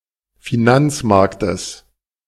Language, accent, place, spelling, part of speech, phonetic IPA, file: German, Germany, Berlin, Finanzmarktes, noun, [fiˈnant͡sˌmaʁktəs], De-Finanzmarktes.ogg
- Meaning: genitive singular of Finanzmarkt